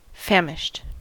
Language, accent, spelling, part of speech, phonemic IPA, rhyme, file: English, US, famished, verb / adjective, /ˈfæmɪʃt/, -æmɪʃt, En-us-famished.ogg
- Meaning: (verb) simple past and past participle of famish; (adjective) Extremely hungry